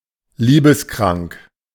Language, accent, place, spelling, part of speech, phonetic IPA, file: German, Germany, Berlin, liebeskrank, adjective, [ˈliːbəsˌkʁaŋk], De-liebeskrank.ogg
- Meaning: lovesick, lovelorn